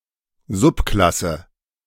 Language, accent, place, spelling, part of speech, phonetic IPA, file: German, Germany, Berlin, Subklasse, noun, [ˈzʊpˌklasə], De-Subklasse.ogg
- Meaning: synonym of Unterklasse